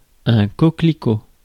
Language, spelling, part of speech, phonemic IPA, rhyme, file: French, coquelicot, noun, /kɔ.kli.ko/, -o, Fr-coquelicot.ogg
- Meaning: poppy, corn poppy, red poppy (Papaver rhoeas)